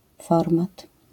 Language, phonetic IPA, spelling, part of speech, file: Polish, [ˈfɔrmat], format, noun, LL-Q809 (pol)-format.wav